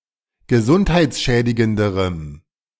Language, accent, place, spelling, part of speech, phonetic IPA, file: German, Germany, Berlin, gesundheitsschädigenderem, adjective, [ɡəˈzʊnthaɪ̯t͡sˌʃɛːdɪɡəndəʁəm], De-gesundheitsschädigenderem.ogg
- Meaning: strong dative masculine/neuter singular comparative degree of gesundheitsschädigend